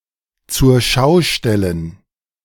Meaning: display, exhibition
- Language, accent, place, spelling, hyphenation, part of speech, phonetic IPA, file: German, Germany, Berlin, Zurschaustellen, Zur‧schau‧stel‧len, noun, [tsuːɐ̯ˈʃaʊ̯ˌʃtɛlən], De-Zurschaustellen.ogg